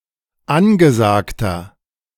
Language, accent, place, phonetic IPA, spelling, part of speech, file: German, Germany, Berlin, [ˈanɡəˌzaːktɐ], angesagter, adjective, De-angesagter.ogg
- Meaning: 1. comparative degree of angesagt 2. inflection of angesagt: strong/mixed nominative masculine singular 3. inflection of angesagt: strong genitive/dative feminine singular